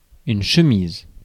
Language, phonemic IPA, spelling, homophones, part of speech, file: French, /ʃə.miz/, chemise, chemisent / chemises, noun / verb, Fr-chemise.ogg
- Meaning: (noun) 1. shirt (that opens in the front) 2. folder (office supplies) 3. chemise (wall-enforcing earthwork); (verb) inflection of chemiser: first/third-person singular present indicative/subjunctive